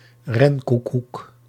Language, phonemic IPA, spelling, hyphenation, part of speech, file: Dutch, /ˈrɛnkukuk/, renkoekoek, ren‧koe‧koek, noun, Nl-renkoekoek.ogg
- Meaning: roadrunner, bird of the genus Geococcyx